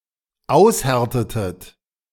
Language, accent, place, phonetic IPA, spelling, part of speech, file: German, Germany, Berlin, [ˈaʊ̯sˌhɛʁtətət], aushärtetet, verb, De-aushärtetet.ogg
- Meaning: inflection of aushärten: 1. second-person plural dependent preterite 2. second-person plural dependent subjunctive II